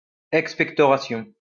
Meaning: expectoration
- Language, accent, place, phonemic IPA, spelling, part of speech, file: French, France, Lyon, /ɛk.spɛk.tɔ.ʁa.sjɔ̃/, expectoration, noun, LL-Q150 (fra)-expectoration.wav